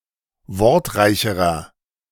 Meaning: inflection of wortreich: 1. strong/mixed nominative masculine singular comparative degree 2. strong genitive/dative feminine singular comparative degree 3. strong genitive plural comparative degree
- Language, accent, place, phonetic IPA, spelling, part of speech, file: German, Germany, Berlin, [ˈvɔʁtˌʁaɪ̯çəʁɐ], wortreicherer, adjective, De-wortreicherer.ogg